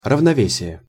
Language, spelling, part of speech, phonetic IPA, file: Russian, равновесие, noun, [rəvnɐˈvʲesʲɪje], Ru-равновесие.ogg
- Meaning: 1. balance, equilibrium (condition of a system in which competing influences are balanced) 2. harmony 3. parity